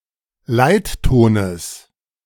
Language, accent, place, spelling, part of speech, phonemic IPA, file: German, Germany, Berlin, Leittones, noun, /ˈlaɪ̯t.toːnəs/, De-Leittones.ogg
- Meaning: genitive singular of Leitton